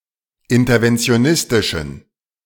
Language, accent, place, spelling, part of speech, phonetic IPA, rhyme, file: German, Germany, Berlin, interventionistischen, adjective, [ˌɪntɐvɛnt͡si̯oˈnɪstɪʃn̩], -ɪstɪʃn̩, De-interventionistischen.ogg
- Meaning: inflection of interventionistisch: 1. strong genitive masculine/neuter singular 2. weak/mixed genitive/dative all-gender singular 3. strong/weak/mixed accusative masculine singular